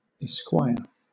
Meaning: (noun) 1. A lawyer 2. A male member of the gentry ranking below a knight 3. An honorific sometimes placed after a man's name 4. A gentleman who attends or escorts a lady in public
- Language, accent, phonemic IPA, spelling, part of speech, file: English, Southern England, /ɪˈskwaɪə/, esquire, noun / verb, LL-Q1860 (eng)-esquire.wav